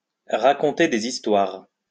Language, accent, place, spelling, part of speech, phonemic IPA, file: French, France, Lyon, raconter des histoires, verb, /ʁa.kɔ̃.te de.z‿is.twaʁ/, LL-Q150 (fra)-raconter des histoires.wav
- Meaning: to tell tales, to tell fibs, to spin a yarn, to talk nonsense